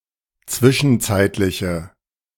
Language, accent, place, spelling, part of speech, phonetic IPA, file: German, Germany, Berlin, zwischenzeitliche, adjective, [ˈt͡svɪʃn̩ˌt͡saɪ̯tlɪçə], De-zwischenzeitliche.ogg
- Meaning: inflection of zwischenzeitlich: 1. strong/mixed nominative/accusative feminine singular 2. strong nominative/accusative plural 3. weak nominative all-gender singular